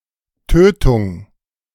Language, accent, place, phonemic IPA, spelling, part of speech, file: German, Germany, Berlin, /ˈtøːtʊŋ/, Tötung, noun, De-Tötung.ogg
- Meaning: kill, killing, homicide